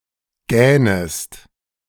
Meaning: second-person singular subjunctive I of gähnen
- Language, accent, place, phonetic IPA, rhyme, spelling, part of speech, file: German, Germany, Berlin, [ˈɡɛːnəst], -ɛːnəst, gähnest, verb, De-gähnest.ogg